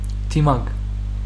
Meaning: mask
- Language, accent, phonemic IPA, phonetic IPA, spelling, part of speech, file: Armenian, Western Armenian, /tiˈmɑɡ/, [tʰimɑ́ɡ], դիմակ, noun, HyW-դիմակ.ogg